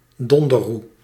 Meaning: alternative form of donderroede
- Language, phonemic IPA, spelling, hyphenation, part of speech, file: Dutch, /ˈdɔn.də(r)ˌru/, donderroe, don‧der‧roe, noun, Nl-donderroe.ogg